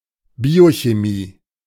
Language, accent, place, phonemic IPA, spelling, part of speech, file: German, Germany, Berlin, /ˈbiːoçeˈmiː/, Biochemie, noun, De-Biochemie.ogg
- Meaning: biochemistry